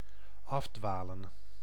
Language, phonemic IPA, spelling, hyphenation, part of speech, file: Dutch, /ˈɑfdʋaːlə(n)/, afdwalen, af‧dwa‧len, verb, Nl-afdwalen.ogg
- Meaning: 1. to wander off, to go astray 2. to meander, to lose attention